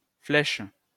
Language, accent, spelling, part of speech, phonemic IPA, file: French, France, Flèche, proper noun, /flɛʃ/, LL-Q150 (fra)-Flèche.wav
- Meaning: Sagitta, a constellation